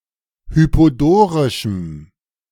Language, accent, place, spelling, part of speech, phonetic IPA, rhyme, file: German, Germany, Berlin, hypodorischem, adjective, [ˌhypoˈdoːʁɪʃm̩], -oːʁɪʃm̩, De-hypodorischem.ogg
- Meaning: strong dative masculine/neuter singular of hypodorisch